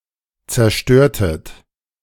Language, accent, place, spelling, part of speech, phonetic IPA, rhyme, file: German, Germany, Berlin, zerstörtet, verb, [t͡sɛɐ̯ˈʃtøːɐ̯tət], -øːɐ̯tət, De-zerstörtet.ogg
- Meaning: inflection of zerstören: 1. second-person plural preterite 2. second-person plural subjunctive II